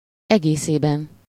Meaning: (adverb) collectively, on the whole (as a whole); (noun) inessive of egésze
- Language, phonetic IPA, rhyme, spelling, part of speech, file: Hungarian, [ˈɛɡeːseːbɛn], -ɛn, egészében, adverb / noun, Hu-egészében.ogg